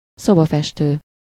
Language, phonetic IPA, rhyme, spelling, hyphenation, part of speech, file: Hungarian, [ˈsobɒfɛʃtøː], -tøː, szobafestő, szo‧ba‧fes‧tő, noun, Hu-szobafestő.ogg
- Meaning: painter (laborer)